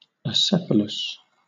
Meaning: 1. Having no head 2. Without a distinct head 3. Having the style spring from the base, instead of from the apex, as is the case in certain ovaries
- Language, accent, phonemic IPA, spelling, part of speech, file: English, Southern England, /əˈsɛfələs/, acephalous, adjective, LL-Q1860 (eng)-acephalous.wav